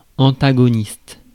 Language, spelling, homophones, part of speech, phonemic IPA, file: French, antagoniste, antagonistes, noun / adjective, /ɑ̃.ta.ɡɔ.nist/, Fr-antagoniste.ogg
- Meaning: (noun) 1. antagonist 2. antagonist (muscle that acts in opposition to another); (adjective) 1. antagonistic; antagonising 2. antagonistic